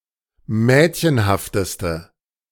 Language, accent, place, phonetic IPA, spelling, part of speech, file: German, Germany, Berlin, [ˈmɛːtçənhaftəstə], mädchenhafteste, adjective, De-mädchenhafteste.ogg
- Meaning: inflection of mädchenhaft: 1. strong/mixed nominative/accusative feminine singular superlative degree 2. strong nominative/accusative plural superlative degree